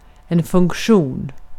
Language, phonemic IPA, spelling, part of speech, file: Swedish, /fɵŋkˈɧuːn/, funktion, noun, Sv-funktion.ogg
- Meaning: 1. function; what something does or is used for 2. feature 3. function; a many-to-one relation; a relation in which each element of the domain is associated with exactly one element of the codomain